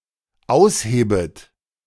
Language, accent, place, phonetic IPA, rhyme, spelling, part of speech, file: German, Germany, Berlin, [ˈaʊ̯sˌheːbət], -aʊ̯sheːbət, aushebet, verb, De-aushebet.ogg
- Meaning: second-person plural dependent subjunctive I of ausheben